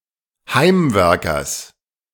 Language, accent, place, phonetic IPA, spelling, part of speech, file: German, Germany, Berlin, [ˈhaɪ̯mˌvɛʁkɐs], Heimwerkers, noun, De-Heimwerkers.ogg
- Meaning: genitive singular of Heimwerker